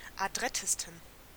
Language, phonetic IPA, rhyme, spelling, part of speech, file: German, [aˈdʁɛtəstn̩], -ɛtəstn̩, adrettesten, adjective, De-adrettesten.ogg
- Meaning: 1. superlative degree of adrett 2. inflection of adrett: strong genitive masculine/neuter singular superlative degree